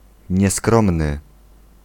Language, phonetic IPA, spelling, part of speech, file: Polish, [ɲɛˈskrɔ̃mnɨ], nieskromny, adjective, Pl-nieskromny.ogg